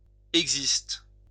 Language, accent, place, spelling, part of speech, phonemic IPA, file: French, France, Lyon, existe, verb, /ɛɡ.zist/, LL-Q150 (fra)-existe.wav
- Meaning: inflection of exister: 1. first/third-person singular present indicative/subjunctive 2. second-person singular imperative